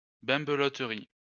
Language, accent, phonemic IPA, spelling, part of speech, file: French, France, /bɛ̃.blɔ.tʁi/, bimbeloterie, noun, LL-Q150 (fra)-bimbeloterie.wav
- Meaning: knickknacks (or their manufacture and selling)